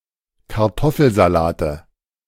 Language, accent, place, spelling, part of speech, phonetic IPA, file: German, Germany, Berlin, Kartoffelsalate, noun, [kaʁˈtɔfl̩zalaːtə], De-Kartoffelsalate.ogg
- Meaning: 1. nominative/accusative/genitive plural of Kartoffelsalat 2. dative singular of Kartoffelsalat